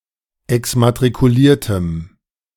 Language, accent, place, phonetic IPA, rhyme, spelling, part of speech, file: German, Germany, Berlin, [ɛksmatʁikuˈliːɐ̯təm], -iːɐ̯təm, exmatrikuliertem, adjective, De-exmatrikuliertem.ogg
- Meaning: strong dative masculine/neuter singular of exmatrikuliert